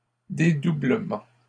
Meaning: doubling, duplication
- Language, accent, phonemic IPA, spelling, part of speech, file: French, Canada, /de.du.blə.mɑ̃/, dédoublement, noun, LL-Q150 (fra)-dédoublement.wav